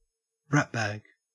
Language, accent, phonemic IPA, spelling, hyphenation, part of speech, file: English, Australia, /ˈɹæt.bæɡ/, ratbag, rat‧bag, noun, En-au-ratbag.ogg
- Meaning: 1. A despicable person 2. A mischievous person, especially a child